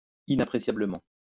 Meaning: invaluably, inestimably
- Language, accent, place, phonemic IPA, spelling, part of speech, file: French, France, Lyon, /i.na.pʁe.sja.blə.mɑ̃/, inappréciablement, adverb, LL-Q150 (fra)-inappréciablement.wav